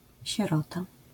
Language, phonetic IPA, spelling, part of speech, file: Polish, [ɕɛˈrɔta], sierota, noun, LL-Q809 (pol)-sierota.wav